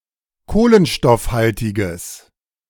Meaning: strong/mixed nominative/accusative neuter singular of kohlenstoffhaltig
- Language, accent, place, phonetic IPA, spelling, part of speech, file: German, Germany, Berlin, [ˈkoːlənʃtɔfˌhaltɪɡəs], kohlenstoffhaltiges, adjective, De-kohlenstoffhaltiges.ogg